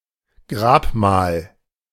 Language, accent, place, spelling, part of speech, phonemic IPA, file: German, Germany, Berlin, Grabmal, noun, /ˈɡʁaːpˌmaːl/, De-Grabmal.ogg
- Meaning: tomb